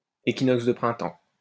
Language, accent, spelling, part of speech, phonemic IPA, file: French, France, équinoxe de printemps, noun, /e.ki.nɔks də pʁɛ̃.tɑ̃/, LL-Q150 (fra)-équinoxe de printemps.wav
- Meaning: vernal equinox, spring equinox